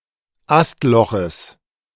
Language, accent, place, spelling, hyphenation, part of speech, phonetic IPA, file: German, Germany, Berlin, Astloches, Ast‧lo‧ches, noun, [ˈastˌlɔxəs], De-Astloches.ogg
- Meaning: genitive singular of Astloch